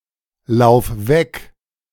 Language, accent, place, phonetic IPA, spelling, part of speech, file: German, Germany, Berlin, [ˌlaʊ̯f ˈvɛk], lauf weg, verb, De-lauf weg.ogg
- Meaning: singular imperative of weglaufen